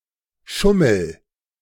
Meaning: inflection of schummeln: 1. first-person singular present 2. singular imperative
- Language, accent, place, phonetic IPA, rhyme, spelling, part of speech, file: German, Germany, Berlin, [ˈʃʊml̩], -ʊml̩, schummel, verb, De-schummel.ogg